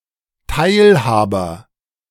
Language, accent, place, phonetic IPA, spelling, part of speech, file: German, Germany, Berlin, [ˈtaɪ̯lˌhaːbɐ], Teilhaber, noun, De-Teilhaber.ogg
- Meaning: partner, associate, companion, part owner, coowner